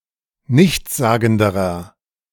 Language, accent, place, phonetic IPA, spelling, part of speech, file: German, Germany, Berlin, [ˈnɪçt͡sˌzaːɡn̩dəʁɐ], nichtssagenderer, adjective, De-nichtssagenderer.ogg
- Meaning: inflection of nichtssagend: 1. strong/mixed nominative masculine singular comparative degree 2. strong genitive/dative feminine singular comparative degree 3. strong genitive plural comparative degree